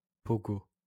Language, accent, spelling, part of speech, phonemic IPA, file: French, France, pogo, noun, /pɔ.ɡo/, LL-Q150 (fra)-pogo.wav
- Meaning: pogo (corndog on a stick)